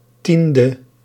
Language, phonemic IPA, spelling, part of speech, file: Dutch, /ˈtində/, 10e, adjective, Nl-10e.ogg
- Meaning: abbreviation of tiende (“tenth”); 10th